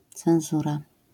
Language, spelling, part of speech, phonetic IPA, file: Polish, cenzura, noun, [t͡sɛ̃w̃ˈzura], LL-Q809 (pol)-cenzura.wav